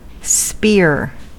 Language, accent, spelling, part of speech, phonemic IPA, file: English, US, spear, noun / verb / adjective, /spɪɹ/, En-us-spear.ogg
- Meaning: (noun) 1. A long stick with a sharp tip used as a weapon for throwing or thrusting, or anything used to make a thrusting motion 2. A soldier armed with such a weapon; a spearman